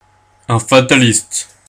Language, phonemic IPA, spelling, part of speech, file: French, /fa.ta.list/, fataliste, noun, Fr-fataliste.ogg
- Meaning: fatalist